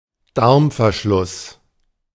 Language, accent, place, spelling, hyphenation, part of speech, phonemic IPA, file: German, Germany, Berlin, Darmverschluss, Darm‧ver‧schluss, noun, /ˈdaʁmfɛɐ̯ˌʃlʊs/, De-Darmverschluss.ogg
- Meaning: ileus, bowel occlusion